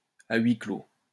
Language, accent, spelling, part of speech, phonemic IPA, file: French, France, à huis clos, phrase, /a ɥi klo/, LL-Q150 (fra)-à huis clos.wav
- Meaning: 1. in camera 2. behind closed doors